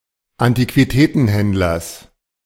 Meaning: genitive of Antiquitätenhändler
- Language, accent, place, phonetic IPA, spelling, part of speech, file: German, Germany, Berlin, [antikviˈtɛːtn̩ˌhɛndlɐs], Antiquitätenhändlers, noun, De-Antiquitätenhändlers.ogg